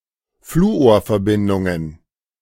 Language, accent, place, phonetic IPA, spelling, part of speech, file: German, Germany, Berlin, [ˈfluːoːɐ̯fɛɐ̯ˌbɪndʊŋən], Fluorverbindungen, noun, De-Fluorverbindungen.ogg
- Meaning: plural of Fluorverbindung